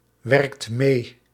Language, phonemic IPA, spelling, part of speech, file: Dutch, /ˈwɛrᵊkt ˈme/, werkt mee, verb, Nl-werkt mee.ogg
- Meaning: inflection of meewerken: 1. second/third-person singular present indicative 2. plural imperative